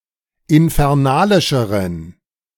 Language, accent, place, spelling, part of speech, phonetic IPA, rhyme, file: German, Germany, Berlin, infernalischeren, adjective, [ɪnfɛʁˈnaːlɪʃəʁən], -aːlɪʃəʁən, De-infernalischeren.ogg
- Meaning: inflection of infernalisch: 1. strong genitive masculine/neuter singular comparative degree 2. weak/mixed genitive/dative all-gender singular comparative degree